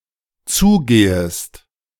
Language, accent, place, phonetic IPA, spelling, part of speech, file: German, Germany, Berlin, [ˈt͡suːˌɡeːəst], zugehest, verb, De-zugehest.ogg
- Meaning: second-person singular dependent subjunctive I of zugehen